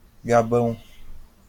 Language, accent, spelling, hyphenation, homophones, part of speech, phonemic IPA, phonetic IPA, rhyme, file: Portuguese, Brazil, Gabão, Ga‧bão, gabão, proper noun, /ɡaˈbɐ̃w̃/, [ɡaˈbɐ̃ʊ̯̃], -ɐ̃w̃, LL-Q5146 (por)-Gabão.wav
- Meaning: Gabon (a country in Central Africa)